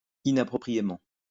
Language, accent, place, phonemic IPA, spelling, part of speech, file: French, France, Lyon, /i.na.pʁɔ.pʁi.je.mɑ̃/, inappropriément, adverb, LL-Q150 (fra)-inappropriément.wav
- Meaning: 1. inappropriately 2. unsuitably